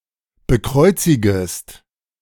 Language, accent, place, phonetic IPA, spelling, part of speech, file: German, Germany, Berlin, [bəˈkʁɔɪ̯t͡sɪɡəst], bekreuzigest, verb, De-bekreuzigest.ogg
- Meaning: second-person singular subjunctive I of bekreuzigen